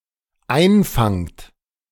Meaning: second-person plural dependent present of einfangen
- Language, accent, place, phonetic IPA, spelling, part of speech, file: German, Germany, Berlin, [ˈaɪ̯nˌfaŋt], einfangt, verb, De-einfangt.ogg